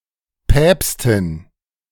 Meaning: 1. popess, pope (female) 2. expert, pundit (used in various compounds)
- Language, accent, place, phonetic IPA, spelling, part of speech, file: German, Germany, Berlin, [ˈpɛːpstɪn], Päpstin, noun, De-Päpstin.ogg